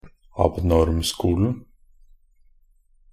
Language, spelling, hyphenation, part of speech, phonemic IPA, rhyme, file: Norwegian Bokmål, abnormskolen, ab‧norm‧sko‧len, noun, /abˈnɔrmskuːln̩/, -uːln̩, Nb-abnormskolen.ogg
- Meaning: definite singular of abnormskole